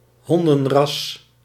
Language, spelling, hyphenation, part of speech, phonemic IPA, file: Dutch, hondenras, hon‧den‧ras, noun, /ˈɦɔn.də(n)ˌrɑs/, Nl-hondenras.ogg
- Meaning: dog breed